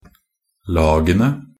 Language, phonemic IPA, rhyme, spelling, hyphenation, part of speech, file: Norwegian Bokmål, /ˈlɑːɡənə/, -ənə, lagene, la‧ge‧ne, noun, Nb-lagene.ogg
- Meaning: 1. definite plural of lag (“layer; team”) 2. definite plural of lag (“district; law”)